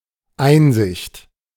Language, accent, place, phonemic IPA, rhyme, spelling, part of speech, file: German, Germany, Berlin, /ˈaɪ̯nzɪçt/, -ɪçt, Einsicht, noun, De-Einsicht.ogg
- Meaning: 1. insight (power of acute observation and deduction, that can see through to a solution) 2. a view, a look (into e.g. a room)